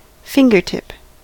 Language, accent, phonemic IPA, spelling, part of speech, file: English, US, /ˈfɪŋɡɚˌtɪp/, fingertip, noun / verb, En-us-fingertip.ogg
- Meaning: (noun) The tip of the human finger; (verb) To move or deflect with the fingertips